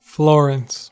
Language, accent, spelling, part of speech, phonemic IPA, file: English, US, Florence, proper noun / noun, /ˈfloɹəns/, En-us-Florence.ogg
- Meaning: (proper noun) A city and comune, the capital of the Metropolitan City of Florence and the region of Tuscany, Italy